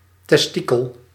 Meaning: testicle
- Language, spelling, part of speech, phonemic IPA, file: Dutch, testikel, noun, /tɛsˈti.kəl/, Nl-testikel.ogg